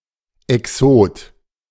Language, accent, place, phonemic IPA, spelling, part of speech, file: German, Germany, Berlin, /ɛˈksoːt/, Exot, noun, De-Exot.ogg
- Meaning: exotic